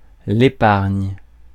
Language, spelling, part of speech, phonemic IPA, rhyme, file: French, épargne, verb / noun, /e.paʁɲ/, -aʁɲ, Fr-épargne.ogg
- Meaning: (verb) inflection of épargner: 1. first/third-person singular present indicative/subjunctive 2. second-person singular imperative; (noun) savings